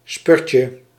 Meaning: diminutive of spurt
- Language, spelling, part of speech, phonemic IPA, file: Dutch, spurtje, noun, /ˈspʏrcə/, Nl-spurtje.ogg